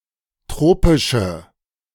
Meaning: inflection of tropisch: 1. strong/mixed nominative/accusative feminine singular 2. strong nominative/accusative plural 3. weak nominative all-gender singular
- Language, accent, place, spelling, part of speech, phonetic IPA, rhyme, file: German, Germany, Berlin, tropische, adjective, [ˈtʁoːpɪʃə], -oːpɪʃə, De-tropische.ogg